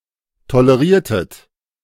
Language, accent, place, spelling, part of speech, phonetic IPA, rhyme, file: German, Germany, Berlin, toleriertet, verb, [toləˈʁiːɐ̯tət], -iːɐ̯tət, De-toleriertet.ogg
- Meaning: inflection of tolerieren: 1. second-person plural preterite 2. second-person plural subjunctive II